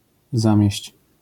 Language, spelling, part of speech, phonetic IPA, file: Polish, zamieść, verb, [ˈzãmʲjɛ̇ɕt͡ɕ], LL-Q809 (pol)-zamieść.wav